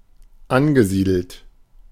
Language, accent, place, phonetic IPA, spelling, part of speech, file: German, Germany, Berlin, [ˈanɡəˌziːdl̩t], angesiedelt, verb, De-angesiedelt.ogg
- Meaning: past participle of ansiedeln